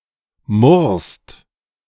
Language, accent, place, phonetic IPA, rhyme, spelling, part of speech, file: German, Germany, Berlin, [mʊʁst], -ʊʁst, murrst, verb, De-murrst.ogg
- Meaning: second-person singular present of murren